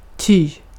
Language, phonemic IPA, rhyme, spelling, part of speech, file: Swedish, /tyː/, -yː, ty, conjunction, Sv-ty.ogg
- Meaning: for (because)